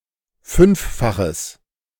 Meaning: strong/mixed nominative/accusative neuter singular of fünffach
- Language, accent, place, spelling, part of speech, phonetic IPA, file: German, Germany, Berlin, fünffaches, adjective, [ˈfʏnfˌfaxəs], De-fünffaches.ogg